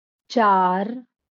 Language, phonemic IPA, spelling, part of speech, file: Marathi, /t͡ɕaɾ/, चार, numeral, LL-Q1571 (mar)-चार.wav
- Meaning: four